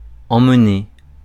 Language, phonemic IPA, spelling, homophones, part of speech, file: French, /ɑ̃.m(ə).ne/, emmener, emmenai / emmené / emmenées / emmenés, verb, Fr-emmener.ogg
- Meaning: 1. to take off, take away or out 2. to take (someone) along somewhere, to take (something) with (someone)